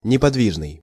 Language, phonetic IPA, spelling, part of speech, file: Russian, [nʲɪpɐdˈvʲiʐnɨj], неподвижный, adjective, Ru-неподвижный.ogg
- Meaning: motionless (at rest, not moving)